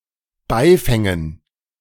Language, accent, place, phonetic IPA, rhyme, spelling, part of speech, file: German, Germany, Berlin, [ˈbaɪ̯ˌfɛŋən], -aɪ̯fɛŋən, Beifängen, noun, De-Beifängen.ogg
- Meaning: dative plural of Beifang